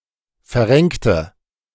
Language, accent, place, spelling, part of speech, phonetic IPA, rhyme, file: German, Germany, Berlin, verrenkte, adjective / verb, [fɛɐ̯ˈʁɛŋktə], -ɛŋktə, De-verrenkte.ogg
- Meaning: inflection of verrenken: 1. first/third-person singular preterite 2. first/third-person singular subjunctive II